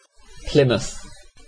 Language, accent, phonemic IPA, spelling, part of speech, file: English, UK, /ˈplɪməθ/, Plymouth, proper noun / noun, En-uk-Plymouth.ogg
- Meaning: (proper noun) A placename: 1. A city, unitary authority, and borough of Devon, England 2. A sea area between Plymouth, Devon, England and France 3. The mouth of the river Plym, in Devon, England